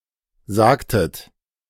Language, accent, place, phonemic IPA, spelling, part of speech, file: German, Germany, Berlin, /ˈzaːktət/, sagtet, verb, De-sagtet.ogg
- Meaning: inflection of sagen: 1. second-person plural preterite 2. second-person plural subjunctive II